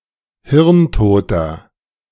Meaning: inflection of hirntot: 1. strong/mixed nominative masculine singular 2. strong genitive/dative feminine singular 3. strong genitive plural
- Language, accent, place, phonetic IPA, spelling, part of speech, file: German, Germany, Berlin, [ˈhɪʁnˌtoːtɐ], hirntoter, adjective, De-hirntoter.ogg